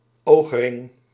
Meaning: eyering
- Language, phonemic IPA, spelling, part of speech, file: Dutch, /ˈoxrɪŋ/, oogring, noun, Nl-oogring.ogg